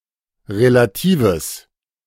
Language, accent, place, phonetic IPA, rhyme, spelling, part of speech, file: German, Germany, Berlin, [ʁelaˈtiːvəs], -iːvəs, relatives, adjective, De-relatives.ogg
- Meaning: strong/mixed nominative/accusative neuter singular of relativ